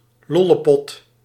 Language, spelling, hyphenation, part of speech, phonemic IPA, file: Dutch, lollepot, lol‧le‧pot, noun, /ˈlɔ.ləˌpɔt/, Nl-lollepot.ogg
- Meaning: 1. an earthenware pot filled with charcoal or coals and used for heating, similar to a warming pan, chiefly used by women 2. a lesbian, a dyke